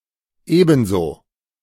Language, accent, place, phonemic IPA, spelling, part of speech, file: German, Germany, Berlin, /ˈeːbənzoː/, ebenso, adverb / interjection, De-ebenso.ogg
- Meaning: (adverb) 1. equally, as much 2. likewise; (interjection) same to you!, you too!